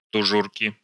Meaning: inflection of тужу́рка (tužúrka): 1. genitive singular 2. nominative/accusative plural
- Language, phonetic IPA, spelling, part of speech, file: Russian, [tʊˈʐurkʲɪ], тужурки, noun, Ru-тужурки.ogg